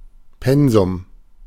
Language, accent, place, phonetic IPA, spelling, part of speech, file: German, Germany, Berlin, [ˈpɛnzʊm], Pensum, noun, De-Pensum.ogg
- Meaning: 1. An allotted task 2. The prescribed workload to be completed in a given period of time 3. Material to be learned at school